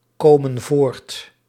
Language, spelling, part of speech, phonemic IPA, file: Dutch, komen voort, verb, /ˈkomə(n) ˈvort/, Nl-komen voort.ogg
- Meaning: inflection of voortkomen: 1. plural present indicative 2. plural present subjunctive